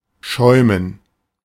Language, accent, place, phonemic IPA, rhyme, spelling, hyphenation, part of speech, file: German, Germany, Berlin, /ˈʃɔɪ̯.mən/, -ɔɪ̯mən, schäumen, schäu‧men, verb, De-schäumen.ogg
- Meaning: 1. to froth, to foam 2. to fume (to feel or express great anger)